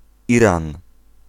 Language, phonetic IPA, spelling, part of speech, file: Polish, [ˈirãn], Iran, proper noun, Pl-Iran.ogg